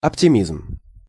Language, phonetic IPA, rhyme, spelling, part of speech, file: Russian, [ɐptʲɪˈmʲizm], -izm, оптимизм, noun, Ru-оптимизм.ogg
- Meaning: optimism, hopefulness